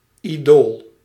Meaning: 1. an idol, a statue or image that is the subject of worship 2. an idol (one who is idolised)
- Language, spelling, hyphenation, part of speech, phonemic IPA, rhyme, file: Dutch, idool, idool, noun, /iˈdoːl/, -oːl, Nl-idool.ogg